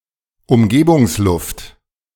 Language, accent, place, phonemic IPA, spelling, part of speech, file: German, Germany, Berlin, /ʊmˈɡeːbʊŋsˌlʊft/, Umgebungsluft, noun, De-Umgebungsluft.ogg
- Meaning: ambient air, surrounding air